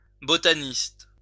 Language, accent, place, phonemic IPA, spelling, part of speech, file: French, France, Lyon, /bɔ.ta.nist/, botaniste, noun, LL-Q150 (fra)-botaniste.wav
- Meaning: botanist